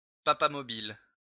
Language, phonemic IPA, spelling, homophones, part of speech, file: French, /pa.pa.mɔ.bil/, papamobile, papamobiles, noun, LL-Q150 (fra)-papamobile.wav
- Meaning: Popemobile (any of various vehicles with bulletproof glass sides used to transport the Pope)